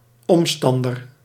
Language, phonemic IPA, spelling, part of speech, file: Dutch, /ˈɔmstɑndər/, omstander, noun, Nl-omstander.ogg
- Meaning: bystander